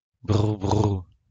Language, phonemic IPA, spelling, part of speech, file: French, /bʁu/, brou, noun, LL-Q150 (fra)-brou.wav
- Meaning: husk